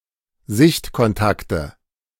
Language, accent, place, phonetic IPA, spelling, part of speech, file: German, Germany, Berlin, [ˈzɪçtkɔnˌtaktə], Sichtkontakte, noun, De-Sichtkontakte.ogg
- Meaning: nominative/accusative/genitive plural of Sichtkontakt